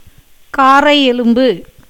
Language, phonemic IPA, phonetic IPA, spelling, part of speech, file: Tamil, /kɑːrɐɪ̯jɛlʊmbɯ/, [käːrɐɪ̯je̞lʊmbɯ], காறையெலும்பு, noun, Ta-காறையெலும்பு.ogg
- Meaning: clavicle